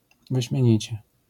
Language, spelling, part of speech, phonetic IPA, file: Polish, wyśmienicie, adverb, [ˌvɨɕmʲjɛ̇̃ˈɲit͡ɕɛ], LL-Q809 (pol)-wyśmienicie.wav